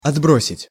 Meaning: 1. to throw away, to throw aside 2. to make retreat (army) 3. to move back, to move to the previous position 4. to cast (a shadow)
- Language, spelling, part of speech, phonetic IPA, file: Russian, отбросить, verb, [ɐdˈbrosʲɪtʲ], Ru-отбросить.ogg